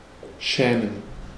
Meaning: to be ashamed or (less often) embarrassed, bashful
- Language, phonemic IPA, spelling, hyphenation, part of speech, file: German, /ˈʃɛːmən/, schämen, schä‧men, verb, De-schämen.ogg